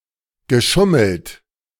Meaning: past participle of schummeln
- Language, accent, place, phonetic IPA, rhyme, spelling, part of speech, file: German, Germany, Berlin, [ɡəˈʃʊml̩t], -ʊml̩t, geschummelt, verb, De-geschummelt.ogg